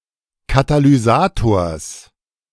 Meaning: genitive singular of Katalysator
- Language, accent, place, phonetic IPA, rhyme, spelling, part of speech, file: German, Germany, Berlin, [katalyˈzaːtoːɐ̯s], -aːtoːɐ̯s, Katalysators, noun, De-Katalysators.ogg